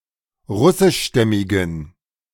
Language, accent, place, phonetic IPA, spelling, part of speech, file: German, Germany, Berlin, [ˈʁʊsɪʃˌʃtɛmɪɡn̩], russischstämmigen, adjective, De-russischstämmigen.ogg
- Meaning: inflection of russischstämmig: 1. strong genitive masculine/neuter singular 2. weak/mixed genitive/dative all-gender singular 3. strong/weak/mixed accusative masculine singular 4. strong dative plural